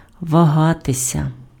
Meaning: to hesitate, to vacillate, to waver (be indecisive between choices)
- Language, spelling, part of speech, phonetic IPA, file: Ukrainian, вагатися, verb, [ʋɐˈɦatesʲɐ], Uk-вагатися.ogg